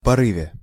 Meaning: prepositional singular of поры́в (porýv)
- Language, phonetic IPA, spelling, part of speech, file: Russian, [pɐˈrɨvʲe], порыве, noun, Ru-порыве.ogg